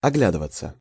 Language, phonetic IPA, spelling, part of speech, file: Russian, [ɐˈɡlʲadɨvət͡sə], оглядываться, verb, Ru-оглядываться.ogg
- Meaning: 1. to look / glance back (at); to turn (back) to look at something 2. to look round / around; to have a look around 3. passive of огля́дывать (ogljádyvatʹ)